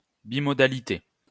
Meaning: bimodality
- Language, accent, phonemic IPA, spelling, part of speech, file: French, France, /bi.mɔ.da.li.te/, bimodalité, noun, LL-Q150 (fra)-bimodalité.wav